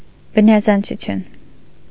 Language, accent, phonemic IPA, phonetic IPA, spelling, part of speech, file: Armenian, Eastern Armenian, /bənɑzɑnt͡sʰuˈtʰjun/, [bənɑzɑnt͡sʰut͡sʰjún], բնազանցություն, noun, Hy-բնազանցություն.ogg
- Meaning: metaphysics